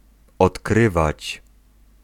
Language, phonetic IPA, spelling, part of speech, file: Polish, [ɔtˈkrɨvat͡ɕ], odkrywać, verb, Pl-odkrywać.ogg